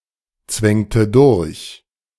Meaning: inflection of durchzwängen: 1. first/third-person singular preterite 2. first/third-person singular subjunctive II
- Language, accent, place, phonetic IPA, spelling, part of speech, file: German, Germany, Berlin, [ˌt͡svɛŋtə ˈdʊʁç], zwängte durch, verb, De-zwängte durch.ogg